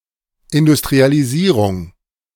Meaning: industrialization
- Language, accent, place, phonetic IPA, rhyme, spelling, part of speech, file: German, Germany, Berlin, [ɪndʊstʁialiˈziːʁʊŋ], -iːʁʊŋ, Industrialisierung, noun, De-Industrialisierung.ogg